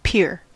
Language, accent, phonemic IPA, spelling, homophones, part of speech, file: English, US, /pɪɹ/, peer, pier / pair / pare, verb / noun, En-us-peer.ogg
- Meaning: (verb) 1. To look with difficulty, or as if searching for something 2. To come in sight; to appear; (noun) A look; a glance